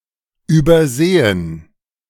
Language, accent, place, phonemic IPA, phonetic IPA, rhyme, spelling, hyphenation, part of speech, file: German, Germany, Berlin, /ˌybəʁˈzeːən/, [ˌʔybɐˈzeːn], -eːən, übersehen, über‧se‧hen, verb, De-übersehen.ogg
- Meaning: to overlook, disregard, ignore